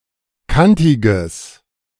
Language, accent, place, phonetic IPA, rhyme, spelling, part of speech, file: German, Germany, Berlin, [ˈkantɪɡəs], -antɪɡəs, kantiges, adjective, De-kantiges.ogg
- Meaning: strong/mixed nominative/accusative neuter singular of kantig